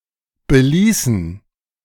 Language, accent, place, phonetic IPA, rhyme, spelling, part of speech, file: German, Germany, Berlin, [bəˈliːsn̩], -iːsn̩, beließen, verb, De-beließen.ogg
- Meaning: inflection of belassen: 1. first/third-person plural preterite 2. first/third-person plural subjunctive II